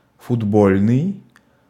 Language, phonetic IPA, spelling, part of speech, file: Russian, [fʊdˈbolʲnɨj], футбольный, adjective, Ru-футбольный.ogg
- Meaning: football, soccer